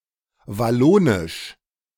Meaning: Walloon
- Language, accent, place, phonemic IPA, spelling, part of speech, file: German, Germany, Berlin, /vaˈloːnɪʃ/, wallonisch, adjective, De-wallonisch.ogg